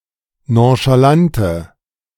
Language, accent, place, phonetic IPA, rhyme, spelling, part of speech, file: German, Germany, Berlin, [ˌnõʃaˈlantə], -antə, nonchalante, adjective, De-nonchalante.ogg
- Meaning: inflection of nonchalant: 1. strong/mixed nominative/accusative feminine singular 2. strong nominative/accusative plural 3. weak nominative all-gender singular